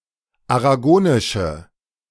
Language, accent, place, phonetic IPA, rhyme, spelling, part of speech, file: German, Germany, Berlin, [aʁaˈɡoːnɪʃə], -oːnɪʃə, aragonische, adjective, De-aragonische.ogg
- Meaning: inflection of aragonisch: 1. strong/mixed nominative/accusative feminine singular 2. strong nominative/accusative plural 3. weak nominative all-gender singular